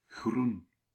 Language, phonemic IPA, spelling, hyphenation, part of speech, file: Dutch, /ɣrun/, Groen, Groen, proper noun, Nl-Groen.ogg
- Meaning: a surname